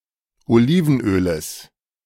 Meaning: genitive singular of Olivenöl
- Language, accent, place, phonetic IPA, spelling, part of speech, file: German, Germany, Berlin, [oˈliːvn̩ˌʔøːləs], Olivenöles, noun, De-Olivenöles.ogg